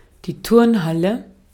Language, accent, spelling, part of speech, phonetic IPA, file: German, Austria, Turnhalle, noun, [ˈtʊʁnˌhalə], De-at-Turnhalle.ogg
- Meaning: gym; sports hall (large room for indoor sports)